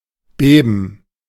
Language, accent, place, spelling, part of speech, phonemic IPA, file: German, Germany, Berlin, Beben, noun, /ˈbeːbən/, De-Beben.ogg
- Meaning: a quake, shaking or trembling